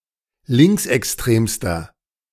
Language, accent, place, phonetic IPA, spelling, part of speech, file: German, Germany, Berlin, [ˈlɪŋksʔɛksˌtʁeːmstɐ], linksextremster, adjective, De-linksextremster.ogg
- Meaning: inflection of linksextrem: 1. strong/mixed nominative masculine singular superlative degree 2. strong genitive/dative feminine singular superlative degree 3. strong genitive plural superlative degree